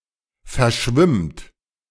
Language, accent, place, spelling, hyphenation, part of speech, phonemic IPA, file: German, Germany, Berlin, verschwimmt, ver‧schwimmt, verb, /fɛɐ̯ˈʃvɪmt/, De-verschwimmt.ogg
- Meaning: inflection of verschwimmen: 1. third-person singular present 2. second-person plural present